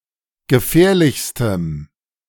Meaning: strong dative masculine/neuter singular superlative degree of gefährlich
- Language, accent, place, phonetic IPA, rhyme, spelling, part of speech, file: German, Germany, Berlin, [ɡəˈfɛːɐ̯lɪçstəm], -ɛːɐ̯lɪçstəm, gefährlichstem, adjective, De-gefährlichstem.ogg